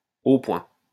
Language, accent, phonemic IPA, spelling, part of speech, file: French, France, /o pwɛ̃/, au point, adjective, LL-Q150 (fra)-au point.wav
- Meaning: ready, functional